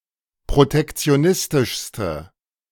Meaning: inflection of protektionistisch: 1. strong/mixed nominative/accusative feminine singular superlative degree 2. strong nominative/accusative plural superlative degree
- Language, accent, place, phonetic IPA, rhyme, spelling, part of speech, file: German, Germany, Berlin, [pʁotɛkt͡si̯oˈnɪstɪʃstə], -ɪstɪʃstə, protektionistischste, adjective, De-protektionistischste.ogg